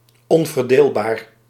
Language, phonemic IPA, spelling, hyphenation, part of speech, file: Dutch, /ˌɔn.vərˈdeːl.baːr/, onverdeelbaar, on‧ver‧deel‧baar, adjective, Nl-onverdeelbaar.ogg
- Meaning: indivisible